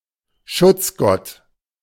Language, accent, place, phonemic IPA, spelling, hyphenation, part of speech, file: German, Germany, Berlin, /ˈʃʊt͡sˌɡɔt/, Schutzgott, Schutz‧gott, noun, De-Schutzgott.ogg
- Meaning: tutelary deity